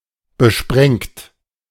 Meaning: 1. past participle of besprengen 2. inflection of besprengen: third-person singular present 3. inflection of besprengen: second-person plural present 4. inflection of besprengen: plural imperative
- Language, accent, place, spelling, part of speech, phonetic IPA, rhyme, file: German, Germany, Berlin, besprengt, verb, [bəˈʃpʁɛŋt], -ɛŋt, De-besprengt.ogg